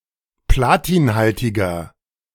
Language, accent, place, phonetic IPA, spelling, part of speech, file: German, Germany, Berlin, [ˈplaːtiːnˌhaltɪɡɐ], platinhaltiger, adjective, De-platinhaltiger.ogg
- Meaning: inflection of platinhaltig: 1. strong/mixed nominative masculine singular 2. strong genitive/dative feminine singular 3. strong genitive plural